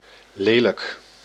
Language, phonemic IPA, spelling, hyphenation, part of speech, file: Dutch, /ˈleː.lək/, lelijk, le‧lijk, adjective / adverb, Nl-lelijk.ogg
- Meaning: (adjective) ugly; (adverb) badly